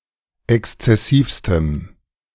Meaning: strong dative masculine/neuter singular superlative degree of exzessiv
- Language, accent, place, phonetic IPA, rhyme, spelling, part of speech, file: German, Germany, Berlin, [ˌɛkst͡sɛˈsiːfstəm], -iːfstəm, exzessivstem, adjective, De-exzessivstem.ogg